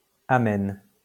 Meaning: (adjective) pleasant; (verb) inflection of amener: 1. first/third-person singular present indicative/subjunctive 2. second-person singular imperative
- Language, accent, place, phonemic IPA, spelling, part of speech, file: French, France, Lyon, /a.mɛn/, amène, adjective / verb, LL-Q150 (fra)-amène.wav